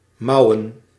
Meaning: plural of mouw
- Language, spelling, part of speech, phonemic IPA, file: Dutch, mouwen, noun, /ˈmɑu̯ə(n)/, Nl-mouwen.ogg